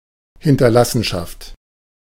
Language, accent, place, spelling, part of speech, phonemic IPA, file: German, Germany, Berlin, Hinterlassenschaft, noun, /ˌhɪntɐˈlasənˌʃaft/, De-Hinterlassenschaft.ogg
- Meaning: 1. estate (of inheritance) 2. heritage (artefacts or sometimes cultural creations left for posterity) 3. something left behind and not cleared away, such as bottles and glasses after a party 4. feces